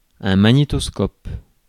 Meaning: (noun) videocassette recorder; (verb) inflection of magnétoscoper: 1. first/third-person singular present indicative/subjunctive 2. second-person singular imperative
- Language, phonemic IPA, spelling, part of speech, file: French, /ma.ɲe.tɔs.kɔp/, magnétoscope, noun / verb, Fr-magnétoscope.ogg